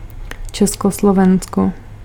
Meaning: Czechoslovakia (a former country in Central Europe, now the Czech Republic and Slovakia; Carpathian Ruthenia, at the eastern end, became a part of Ukraine)
- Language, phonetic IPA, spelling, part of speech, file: Czech, [ˈt͡ʃɛskoslovɛnsko], Československo, proper noun, Cs-Československo.ogg